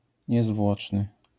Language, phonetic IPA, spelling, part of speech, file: Polish, [ɲɛˈzvwɔt͡ʃnɨ], niezwłoczny, adjective, LL-Q809 (pol)-niezwłoczny.wav